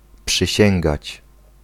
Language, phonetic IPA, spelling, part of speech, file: Polish, [pʃɨˈɕɛ̃ŋɡat͡ɕ], przysięgać, verb, Pl-przysięgać.ogg